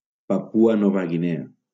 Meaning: Papua New Guinea (a country in Oceania)
- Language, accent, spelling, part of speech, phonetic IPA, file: Catalan, Valencia, Papua Nova Guinea, proper noun, [paˈpu.a ˈnɔ.va ɣiˈne.a], LL-Q7026 (cat)-Papua Nova Guinea.wav